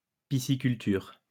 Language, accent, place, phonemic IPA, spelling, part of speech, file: French, France, Lyon, /pi.si.kyl.tyʁ/, pisciculture, noun, LL-Q150 (fra)-pisciculture.wav
- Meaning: pisciculture (the rearing of fish)